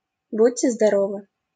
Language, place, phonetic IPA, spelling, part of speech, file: Russian, Saint Petersburg, [ˈbutʲːe zdɐˈrovɨ], будьте здоровы, interjection, LL-Q7737 (rus)-будьте здоровы.wav
- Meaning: 1. bless you, (US) gesundheit (said to someone who has sneezed) 2. goodbye, take care